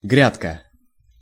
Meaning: bed (for plants), seedbed
- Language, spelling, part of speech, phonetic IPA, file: Russian, грядка, noun, [ˈɡrʲatkə], Ru-грядка.ogg